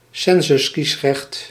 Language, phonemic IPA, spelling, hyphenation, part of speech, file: Dutch, /ˈsɛn.zʏsˌkis.rɛxt/, censuskiesrecht, cen‧sus‧kies‧recht, noun, Nl-censuskiesrecht.ogg
- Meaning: census suffrage